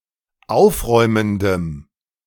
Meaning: strong dative masculine/neuter singular of aufräumend
- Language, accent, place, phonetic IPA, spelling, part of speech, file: German, Germany, Berlin, [ˈaʊ̯fˌʁɔɪ̯məndəm], aufräumendem, adjective, De-aufräumendem.ogg